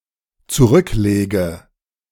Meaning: inflection of zurücklegen: 1. first-person singular dependent present 2. first/third-person singular dependent subjunctive I
- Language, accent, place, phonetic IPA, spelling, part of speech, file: German, Germany, Berlin, [t͡suˈʁʏkˌleːɡə], zurücklege, verb, De-zurücklege.ogg